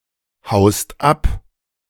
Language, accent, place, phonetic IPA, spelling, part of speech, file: German, Germany, Berlin, [ˌhaʊ̯st ˈap], haust ab, verb, De-haust ab.ogg
- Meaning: second-person singular present of abhauen